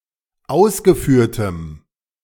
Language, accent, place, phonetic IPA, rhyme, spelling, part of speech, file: German, Germany, Berlin, [ˈaʊ̯sɡəˌfyːɐ̯təm], -aʊ̯sɡəfyːɐ̯təm, ausgeführtem, adjective, De-ausgeführtem.ogg
- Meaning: strong dative masculine/neuter singular of ausgeführt